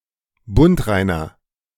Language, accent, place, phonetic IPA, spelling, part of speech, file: German, Germany, Berlin, [ˈbʊntˌʁaɪ̯nɐ], bundreiner, adjective, De-bundreiner.ogg
- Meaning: inflection of bundrein: 1. strong/mixed nominative masculine singular 2. strong genitive/dative feminine singular 3. strong genitive plural